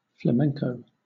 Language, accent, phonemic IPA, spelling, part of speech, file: English, Southern England, /fləˈmɛŋkəʊ/, flamenco, noun / verb, LL-Q1860 (eng)-flamenco.wav
- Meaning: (noun) 1. A genre of folk music and dance native to Andalusia, in Spain 2. A song or dance performed in such a style; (verb) To dance flamenco